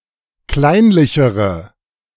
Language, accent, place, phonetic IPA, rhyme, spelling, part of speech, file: German, Germany, Berlin, [ˈklaɪ̯nlɪçəʁə], -aɪ̯nlɪçəʁə, kleinlichere, adjective, De-kleinlichere.ogg
- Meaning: inflection of kleinlich: 1. strong/mixed nominative/accusative feminine singular comparative degree 2. strong nominative/accusative plural comparative degree